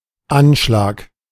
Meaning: 1. attack (terror attack or assassination) 2. notice, bulletin (printed or written note hanging on the wall, a pinboard etc.; especially public information on municipal bulletin boards)
- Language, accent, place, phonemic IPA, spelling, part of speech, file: German, Germany, Berlin, /ˈanʃlaːk/, Anschlag, noun, De-Anschlag.ogg